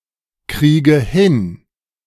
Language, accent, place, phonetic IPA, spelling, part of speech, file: German, Germany, Berlin, [ˌkʁiːɡə ˈhɪn], kriege hin, verb, De-kriege hin.ogg
- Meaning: inflection of hinkriegen: 1. first-person singular present 2. first/third-person singular subjunctive I 3. singular imperative